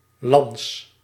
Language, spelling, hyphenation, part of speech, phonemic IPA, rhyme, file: Dutch, lans, lans, noun, /lɑns/, -ɑns, Nl-lans.ogg
- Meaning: a lance